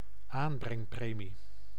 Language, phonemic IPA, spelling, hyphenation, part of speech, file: Dutch, /ˈaːn.brɛŋˌpreː.mi/, aanbrengpremie, aan‧breng‧pre‧mie, noun, Nl-aanbrengpremie.ogg
- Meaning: bounty, prize for someone brought in to justice